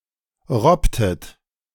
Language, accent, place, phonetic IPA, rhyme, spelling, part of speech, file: German, Germany, Berlin, [ˈʁɔptət], -ɔptət, robbtet, verb, De-robbtet.ogg
- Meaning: inflection of robben: 1. second-person plural preterite 2. second-person plural subjunctive II